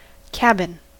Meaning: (noun) A small dwelling characteristic of the frontier, especially when built from logs with simple tools and not constructed by professional builders, but by those who meant to live in it
- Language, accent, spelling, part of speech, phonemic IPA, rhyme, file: English, US, cabin, noun / verb, /ˈkæbɪn/, -æbɪn, En-us-cabin.ogg